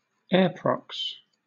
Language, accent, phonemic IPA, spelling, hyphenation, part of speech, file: English, Southern England, /ˈɛəpɹɒks/, airprox, air‧prox, noun, LL-Q1860 (eng)-airprox.wav
- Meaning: A near miss between aircraft